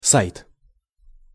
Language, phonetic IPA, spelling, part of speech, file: Russian, [sajt], сайт, noun, Ru-сайт.ogg
- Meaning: 1. website, site 2. site